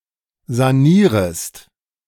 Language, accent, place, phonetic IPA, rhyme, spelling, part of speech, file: German, Germany, Berlin, [zaˈniːʁəst], -iːʁəst, sanierest, verb, De-sanierest.ogg
- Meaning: second-person singular subjunctive I of sanieren